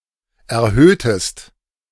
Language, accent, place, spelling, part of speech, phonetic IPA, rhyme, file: German, Germany, Berlin, erhöhtest, verb, [ɛɐ̯ˈhøːtəst], -øːtəst, De-erhöhtest.ogg
- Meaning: inflection of erhöhen: 1. second-person singular preterite 2. second-person singular subjunctive II